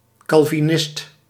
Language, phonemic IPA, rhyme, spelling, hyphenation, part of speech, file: Dutch, /ˌkɑl.viˈnɪst/, -ɪst, calvinist, cal‧vi‧nist, noun, Nl-calvinist.ogg
- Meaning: Calvinist, a follower of Calvinism